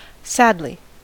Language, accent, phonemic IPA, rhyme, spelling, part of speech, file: English, US, /ˈsædli/, -ædli, sadly, adverb, En-us-sadly.ogg
- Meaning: 1. In a sad manner; sorrowfully 2. Unfortunately, sad to say 3. In a manner to cause sadness; badly; terribly 4. Very much (of a desire etc.); dearly; urgently 5. Deeply, completely